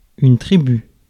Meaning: 1. tribe 2. sigma-algebra
- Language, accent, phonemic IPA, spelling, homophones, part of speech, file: French, France, /tʁi.by/, tribu, tribus / tribut / tributs, noun, Fr-tribu.ogg